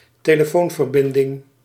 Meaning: telephone connection
- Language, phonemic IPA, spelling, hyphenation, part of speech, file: Dutch, /teː.ləˈfoːn.vərˌbɪn.dɪŋ/, telefoonverbinding, te‧le‧foon‧ver‧bin‧ding, noun, Nl-telefoonverbinding.ogg